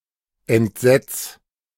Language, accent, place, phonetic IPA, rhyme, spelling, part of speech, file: German, Germany, Berlin, [ɛntˈzɛt͡s], -ɛt͡s, entsetz, verb, De-entsetz.ogg
- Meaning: 1. singular imperative of entsetzen 2. first-person singular present of entsetzen